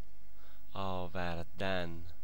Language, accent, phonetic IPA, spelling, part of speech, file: Persian, Iran, [ʔɒː.væɹ.d̪ǽn], آوردن, verb, Fa-آوردن.ogg
- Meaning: to bring